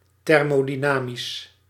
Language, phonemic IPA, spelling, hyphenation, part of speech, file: Dutch, /ˌtɛr.moː.diˈnaː.mis/, thermodynamisch, ther‧mo‧dy‧na‧misch, adjective, Nl-thermodynamisch.ogg
- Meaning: thermodynamics